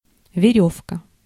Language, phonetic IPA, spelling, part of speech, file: Russian, [vʲɪˈrʲɵfkə], верёвка, noun, Ru-верёвка.ogg
- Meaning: rope, line